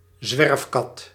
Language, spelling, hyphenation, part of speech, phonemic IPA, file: Dutch, zwerfkat, zwerf‧kat, noun, /ˈzʋɛrfkɑt/, Nl-zwerfkat.ogg
- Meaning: stray cat, alley cat